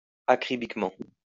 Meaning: 1. fastidiously 2. immaculately
- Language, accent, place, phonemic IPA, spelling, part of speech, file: French, France, Lyon, /a.kʁi.bik.mɑ̃/, acribiquement, adverb, LL-Q150 (fra)-acribiquement.wav